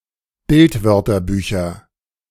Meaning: nominative/accusative/genitive plural of Bildwörterbuch
- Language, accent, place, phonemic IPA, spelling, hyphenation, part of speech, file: German, Germany, Berlin, /ˈbɪltˌvœʁtɐbyːçɐ/, Bildwörterbücher, Bild‧wör‧ter‧bü‧cher, noun, De-Bildwörterbücher.ogg